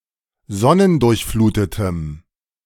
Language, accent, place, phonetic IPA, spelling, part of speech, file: German, Germany, Berlin, [ˈzɔnəndʊʁçˌfluːtətəm], sonnendurchflutetem, adjective, De-sonnendurchflutetem.ogg
- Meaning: strong dative masculine/neuter singular of sonnendurchflutet